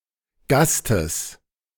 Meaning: genitive singular of Gast
- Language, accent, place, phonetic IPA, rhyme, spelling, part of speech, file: German, Germany, Berlin, [ˈɡastəs], -astəs, Gastes, noun, De-Gastes.ogg